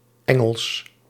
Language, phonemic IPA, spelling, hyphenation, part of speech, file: Dutch, /ˈɛ.ŋəls/, engels, en‧gels, noun, Nl-engels.ogg
- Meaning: 1. a unit of mass equal to one twentieth of an ounce, approximately 1.5 grams 2. a physical weight used for weighing gold or silver 3. genitive singular of engel